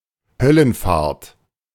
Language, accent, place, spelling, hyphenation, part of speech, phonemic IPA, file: German, Germany, Berlin, Höllenfahrt, Höl‧len‧fahrt, noun, /ˈhœlənˌfaːɐ̯t/, De-Höllenfahrt.ogg
- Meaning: harrowing of hell